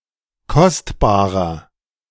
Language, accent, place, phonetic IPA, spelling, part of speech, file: German, Germany, Berlin, [ˈkɔstbaːʁɐ], kostbarer, adjective, De-kostbarer.ogg
- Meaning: 1. comparative degree of kostbar 2. inflection of kostbar: strong/mixed nominative masculine singular 3. inflection of kostbar: strong genitive/dative feminine singular